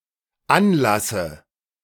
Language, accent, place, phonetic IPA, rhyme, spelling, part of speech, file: German, Germany, Berlin, [ˈanˌlasə], -anlasə, anlasse, verb, De-anlasse.ogg
- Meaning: inflection of anlassen: 1. first-person singular dependent present 2. first/third-person singular dependent subjunctive I